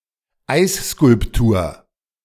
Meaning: ice sculpture
- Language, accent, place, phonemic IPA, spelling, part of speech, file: German, Germany, Berlin, /ˈaɪ̯sskʊlpˌtuːɐ̯/, Eisskulptur, noun, De-Eisskulptur.ogg